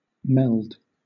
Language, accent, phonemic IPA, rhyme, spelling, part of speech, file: English, Southern England, /mɛld/, -ɛld, meld, verb / noun, LL-Q1860 (eng)-meld.wav
- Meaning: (verb) 1. To combine (multiple things) together; to blend, to fuse 2. To combine, to blend, to fuse; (noun) The result of multiple things being combined together; a blend